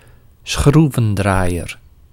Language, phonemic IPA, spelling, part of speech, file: Dutch, /ˈsxru.və(n).draː.jər/, schroevendraaier, noun, Nl-schroevendraaier.ogg
- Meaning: a screwdriver (tool)